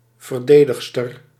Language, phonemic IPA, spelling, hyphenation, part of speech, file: Dutch, /ˌvərˈdeː.dəx.stər/, verdedigster, ver‧de‧dig‧ster, noun, Nl-verdedigster.ogg
- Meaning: 1. female defender 2. female defender, female protector